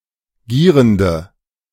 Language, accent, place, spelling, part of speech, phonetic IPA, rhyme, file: German, Germany, Berlin, gierende, adjective, [ˈɡiːʁəndə], -iːʁəndə, De-gierende.ogg
- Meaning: inflection of gierend: 1. strong/mixed nominative/accusative feminine singular 2. strong nominative/accusative plural 3. weak nominative all-gender singular 4. weak accusative feminine/neuter singular